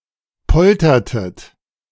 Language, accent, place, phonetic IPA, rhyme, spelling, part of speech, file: German, Germany, Berlin, [ˈpɔltɐtət], -ɔltɐtət, poltertet, verb, De-poltertet.ogg
- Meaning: inflection of poltern: 1. second-person plural preterite 2. second-person plural subjunctive II